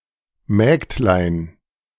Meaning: diminutive of Magd
- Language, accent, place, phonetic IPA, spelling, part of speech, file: German, Germany, Berlin, [ˈmɛːktlaɪ̯n], Mägdlein, noun, De-Mägdlein.ogg